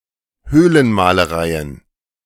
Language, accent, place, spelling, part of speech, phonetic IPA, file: German, Germany, Berlin, Höhlenmalereien, noun, [ˈhøːlənmaːləˌʁaɪ̯ən], De-Höhlenmalereien.ogg
- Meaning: plural of Höhlenmalerei